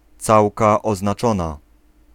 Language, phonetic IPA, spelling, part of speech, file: Polish, [ˈt͡sawka ˌɔznaˈt͡ʃɔ̃na], całka oznaczona, noun, Pl-całka oznaczona.ogg